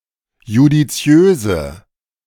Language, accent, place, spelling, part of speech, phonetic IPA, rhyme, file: German, Germany, Berlin, judiziöse, adjective, [judiˈt͡si̯øːzə], -øːzə, De-judiziöse.ogg
- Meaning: inflection of judiziös: 1. strong/mixed nominative/accusative feminine singular 2. strong nominative/accusative plural 3. weak nominative all-gender singular